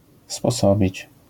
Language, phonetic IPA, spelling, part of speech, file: Polish, [spɔˈsɔbʲit͡ɕ], sposobić, verb, LL-Q809 (pol)-sposobić.wav